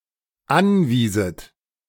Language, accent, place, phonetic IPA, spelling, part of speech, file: German, Germany, Berlin, [ˈanˌviːzət], anwieset, verb, De-anwieset.ogg
- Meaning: second-person plural dependent subjunctive II of anweisen